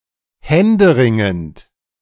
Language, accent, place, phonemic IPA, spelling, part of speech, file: German, Germany, Berlin, /ˈhɛndəˌʁɪŋənt/, händeringend, adjective, De-händeringend.ogg
- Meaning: urgent, desperate